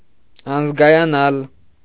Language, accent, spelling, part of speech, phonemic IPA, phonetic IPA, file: Armenian, Eastern Armenian, անզգայանալ, verb, /ɑnəzɡɑjɑˈnɑl/, [ɑnəzɡɑjɑnɑ́l], Hy-անզգայանալ.ogg
- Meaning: 1. to become numb 2. to become anesthetized